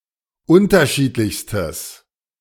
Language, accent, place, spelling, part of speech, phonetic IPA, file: German, Germany, Berlin, unterschiedlichstes, adjective, [ˈʊntɐˌʃiːtlɪçstəs], De-unterschiedlichstes.ogg
- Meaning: strong/mixed nominative/accusative neuter singular superlative degree of unterschiedlich